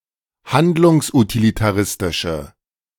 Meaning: inflection of handlungsutilitaristisch: 1. strong/mixed nominative/accusative feminine singular 2. strong nominative/accusative plural 3. weak nominative all-gender singular
- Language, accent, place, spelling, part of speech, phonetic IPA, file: German, Germany, Berlin, handlungsutilitaristische, adjective, [ˈhandlʊŋsʔutilitaˌʁɪstɪʃə], De-handlungsutilitaristische.ogg